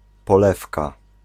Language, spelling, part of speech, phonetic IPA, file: Polish, polewka, noun, [pɔˈlɛfka], Pl-polewka.ogg